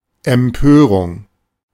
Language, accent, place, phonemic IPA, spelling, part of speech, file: German, Germany, Berlin, /ɛmˈpøːʁʊŋ/, Empörung, noun, De-Empörung.ogg
- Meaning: 1. indignation, outrage 2. rebellion, revolt